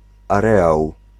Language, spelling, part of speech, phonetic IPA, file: Polish, areał, noun, [aˈrɛaw], Pl-areał.ogg